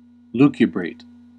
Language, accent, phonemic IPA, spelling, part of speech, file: English, US, /ˈluː.kjə.bɹeɪt/, lucubrate, verb, En-us-lucubrate.ogg
- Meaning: 1. To work diligently by artificial light; to study at night 2. To work or write like a scholar